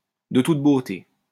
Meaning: magnificent, splendid, superb, exquisite, beautiful
- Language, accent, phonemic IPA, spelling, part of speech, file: French, France, /də tut bo.te/, de toute beauté, adjective, LL-Q150 (fra)-de toute beauté.wav